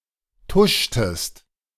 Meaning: inflection of tuschen: 1. second-person singular preterite 2. second-person singular subjunctive II
- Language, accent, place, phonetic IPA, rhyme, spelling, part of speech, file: German, Germany, Berlin, [ˈtʊʃtəst], -ʊʃtəst, tuschtest, verb, De-tuschtest.ogg